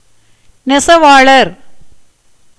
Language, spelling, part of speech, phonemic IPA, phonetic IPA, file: Tamil, நெசவாளர், noun, /nɛtʃɐʋɑːɭɐɾ/, [ne̞sɐʋäːɭɐɾ], Ta-நெசவாளர்.ogg
- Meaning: weaver